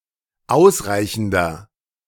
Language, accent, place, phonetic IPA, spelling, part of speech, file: German, Germany, Berlin, [ˈaʊ̯sˌʁaɪ̯çn̩dɐ], ausreichender, adjective, De-ausreichender.ogg
- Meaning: inflection of ausreichend: 1. strong/mixed nominative masculine singular 2. strong genitive/dative feminine singular 3. strong genitive plural